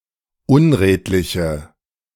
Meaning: inflection of unredlich: 1. strong/mixed nominative/accusative feminine singular 2. strong nominative/accusative plural 3. weak nominative all-gender singular
- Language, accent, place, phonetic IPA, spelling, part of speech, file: German, Germany, Berlin, [ˈʊnˌʁeːtlɪçə], unredliche, adjective, De-unredliche.ogg